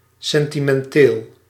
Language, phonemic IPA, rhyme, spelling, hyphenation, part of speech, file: Dutch, /ˌsɛn.ti.mɛnˈteːl/, -eːl, sentimenteel, sen‧ti‧men‧teel, adjective, Nl-sentimenteel.ogg
- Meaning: sentimental